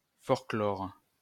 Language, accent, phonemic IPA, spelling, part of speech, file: French, France, /fɔʁ.klɔʁ/, forclore, verb, LL-Q150 (fra)-forclore.wav
- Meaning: to debar